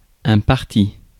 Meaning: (adjective) 1. divided into two equal parts vertically, per pale; said of an escutcheon 2. drunk; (noun) 1. party 2. parti 3. course of action; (verb) past participle of partir
- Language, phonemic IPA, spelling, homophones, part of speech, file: French, /paʁ.ti/, parti, partie / partis / parties, adjective / noun / verb, Fr-parti.ogg